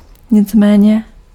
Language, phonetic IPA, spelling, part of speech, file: Czech, [ˈɲɪt͡smɛːɲɛ], nicméně, adverb, Cs-nicméně.ogg
- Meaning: nevertheless, nonetheless, however